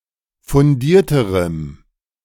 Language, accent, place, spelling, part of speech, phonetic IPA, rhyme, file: German, Germany, Berlin, fundierterem, adjective, [fʊnˈdiːɐ̯təʁəm], -iːɐ̯təʁəm, De-fundierterem.ogg
- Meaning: strong dative masculine/neuter singular comparative degree of fundiert